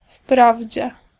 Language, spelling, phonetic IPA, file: Polish, wprawdzie, [ˈfpravʲd͡ʑɛ], Pl-wprawdzie.ogg